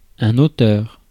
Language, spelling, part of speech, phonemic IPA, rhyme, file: French, auteur, noun, /o.tœʁ/, -œʁ, Fr-auteur.ogg
- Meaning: 1. author 2. composer, artist 3. inventor (of discovery); perpetrator (of crime); leader (of rebellion etc.)